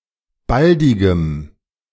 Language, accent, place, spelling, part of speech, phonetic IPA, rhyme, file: German, Germany, Berlin, baldigem, adjective, [ˈbaldɪɡəm], -aldɪɡəm, De-baldigem.ogg
- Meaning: strong dative masculine/neuter singular of baldig